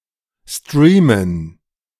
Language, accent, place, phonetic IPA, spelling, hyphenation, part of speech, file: German, Germany, Berlin, [ˈstʁiːmən], streamen, strea‧men, verb, De-streamen.ogg
- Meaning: to stream